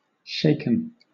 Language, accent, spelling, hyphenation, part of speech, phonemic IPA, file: English, Southern England, shaken, shak‧en, adjective / verb, /ˈʃeɪk(ə)n/, LL-Q1860 (eng)-shaken.wav
- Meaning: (adjective) Moved rapidly in opposite directions alternatingly